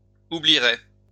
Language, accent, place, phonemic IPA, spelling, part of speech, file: French, France, Lyon, /u.bli.ʁɛ/, oublieraient, verb, LL-Q150 (fra)-oublieraient.wav
- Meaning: third-person plural conditional of oublier